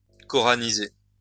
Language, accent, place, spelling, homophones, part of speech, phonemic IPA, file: French, France, Lyon, coraniser, coranisé / coranisée / coranisées / coranisés / coranisez, verb, /kɔ.ʁa.ni.ze/, LL-Q150 (fra)-coraniser.wav
- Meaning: to learn off-by-heart, to memorize perfectly